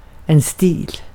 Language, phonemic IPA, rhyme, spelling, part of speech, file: Swedish, /stiːl/, -iːl, stil, noun, Sv-stil.ogg
- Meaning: style (similar senses to English)